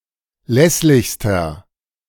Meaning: inflection of lässlich: 1. strong/mixed nominative masculine singular superlative degree 2. strong genitive/dative feminine singular superlative degree 3. strong genitive plural superlative degree
- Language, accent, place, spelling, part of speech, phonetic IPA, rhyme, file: German, Germany, Berlin, lässlichster, adjective, [ˈlɛslɪçstɐ], -ɛslɪçstɐ, De-lässlichster.ogg